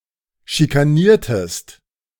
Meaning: inflection of schikanieren: 1. second-person singular preterite 2. second-person singular subjunctive II
- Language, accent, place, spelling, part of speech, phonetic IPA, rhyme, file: German, Germany, Berlin, schikaniertest, verb, [ʃikaˈniːɐ̯təst], -iːɐ̯təst, De-schikaniertest.ogg